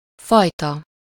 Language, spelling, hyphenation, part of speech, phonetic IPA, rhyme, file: Hungarian, fajta, faj‧ta, noun, [ˈfɒjtɒ], -tɒ, Hu-fajta.ogg
- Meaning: 1. sort, kind 2. breed